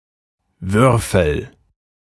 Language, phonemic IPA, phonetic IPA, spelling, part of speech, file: German, /ˈvʏʁfəl/, [ˈvʏʁfl̩], Würfel, noun, De-Würfel.ogg
- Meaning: 1. die (game piece) 2. cube; regular polyhedron with six identical square faces